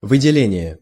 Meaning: 1. apportionment 2. separation 3. isolation 4. release 5. secretion, excretion, discharge 6. setting off, emphasis 7. selection, highlighting
- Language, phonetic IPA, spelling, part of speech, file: Russian, [vɨdʲɪˈlʲenʲɪje], выделение, noun, Ru-выделение.ogg